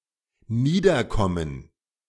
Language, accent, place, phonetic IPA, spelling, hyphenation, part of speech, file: German, Germany, Berlin, [ˈniːdɐˌkɔmən], niederkommen, nie‧der‧kom‧men, verb, De-niederkommen.ogg
- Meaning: to give birth